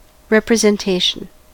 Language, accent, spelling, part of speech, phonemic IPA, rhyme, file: English, US, representation, noun, /ˌɹɛp.ɹə.zɛnˈteɪ.ʃən/, -eɪʃən, En-us-representation.ogg
- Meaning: 1. That which represents something else 2. The act of representing